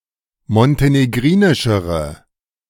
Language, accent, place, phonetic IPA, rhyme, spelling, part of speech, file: German, Germany, Berlin, [mɔnteneˈɡʁiːnɪʃəʁə], -iːnɪʃəʁə, montenegrinischere, adjective, De-montenegrinischere.ogg
- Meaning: inflection of montenegrinisch: 1. strong/mixed nominative/accusative feminine singular comparative degree 2. strong nominative/accusative plural comparative degree